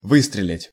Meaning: 1. to shoot, to fire 2. to say or speak intermittently
- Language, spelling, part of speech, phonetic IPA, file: Russian, выстрелить, verb, [ˈvɨstrʲɪlʲɪtʲ], Ru-выстрелить.ogg